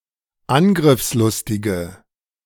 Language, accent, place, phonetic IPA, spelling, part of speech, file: German, Germany, Berlin, [ˈanɡʁɪfsˌlʊstɪɡə], angriffslustige, adjective, De-angriffslustige.ogg
- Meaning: inflection of angriffslustig: 1. strong/mixed nominative/accusative feminine singular 2. strong nominative/accusative plural 3. weak nominative all-gender singular